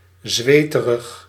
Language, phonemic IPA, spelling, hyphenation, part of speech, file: Dutch, /ˈzʋeː.tərəx/, zweterig, zwe‧te‧rig, adjective, Nl-zweterig.ogg
- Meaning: sweaty (covered in sweat)